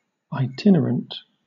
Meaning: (adjective) Habitually travelling from place to place; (noun) 1. One who travels from place to place 2. A member of the Travelling Community, whether settled or not
- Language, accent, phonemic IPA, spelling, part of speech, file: English, Southern England, /aɪˈtɪnɚənt/, itinerant, adjective / noun, LL-Q1860 (eng)-itinerant.wav